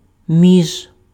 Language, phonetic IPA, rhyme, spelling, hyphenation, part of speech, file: Ukrainian, [mʲiʒ], -iʒ, між, між, preposition, Uk-між.ogg
- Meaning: 1. between, among (expressing position in space or time) 2. between, among (expressing motion towards)